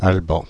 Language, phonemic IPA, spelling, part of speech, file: French, /al.bɑ̃/, Alban, proper noun, Fr-Alban.ogg
- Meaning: a male given name, equivalent to English Alban